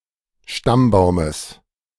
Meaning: genitive singular of Stammbaum
- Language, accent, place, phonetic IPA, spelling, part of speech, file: German, Germany, Berlin, [ˈʃtamˌbaʊ̯məs], Stammbaumes, noun, De-Stammbaumes.ogg